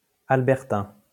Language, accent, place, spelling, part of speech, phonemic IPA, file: French, France, Lyon, albertain, adjective, /al.bɛʁ.tɛ̃/, LL-Q150 (fra)-albertain.wav
- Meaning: Albertan (of, from or relating to the province of Alberta, Canada)